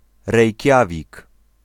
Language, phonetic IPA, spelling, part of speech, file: Polish, [rɛjˈcavʲik], Rejkiawik, proper noun, Pl-Rejkiawik.ogg